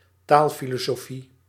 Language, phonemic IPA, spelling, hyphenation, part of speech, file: Dutch, /ˈtaːl.fi.loː.soːˌfi/, taalfilosofie, taal‧fi‧lo‧so‧fie, noun, Nl-taalfilosofie.ogg
- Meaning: philosophy of language